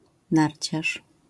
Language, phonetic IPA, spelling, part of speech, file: Polish, [ˈnarʲt͡ɕaʃ], narciarz, noun, LL-Q809 (pol)-narciarz.wav